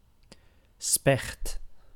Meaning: woodpecker, bird of the family Picidae
- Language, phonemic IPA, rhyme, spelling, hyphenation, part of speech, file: Dutch, /spɛxt/, -ɛxt, specht, specht, noun, Nl-specht.ogg